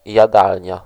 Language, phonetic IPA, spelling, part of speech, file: Polish, [jaˈdalʲɲa], jadalnia, noun, Pl-jadalnia.ogg